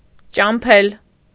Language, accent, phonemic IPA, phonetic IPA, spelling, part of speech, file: Armenian, Eastern Armenian, /t͡ʃɑmˈpʰel/, [t͡ʃɑmpʰél], ճամփել, verb, Hy-ճամփել.ogg
- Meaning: 1. to send, to dispatch 2. to see off, to send off 3. to set free, to liberate